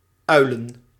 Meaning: plural of uil
- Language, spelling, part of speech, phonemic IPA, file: Dutch, uilen, noun, /ˈœylə(n)/, Nl-uilen.ogg